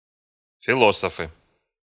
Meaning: nominative plural of фило́соф (filósof)
- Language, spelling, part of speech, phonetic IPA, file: Russian, философы, noun, [fʲɪˈɫosəfɨ], Ru-философы.ogg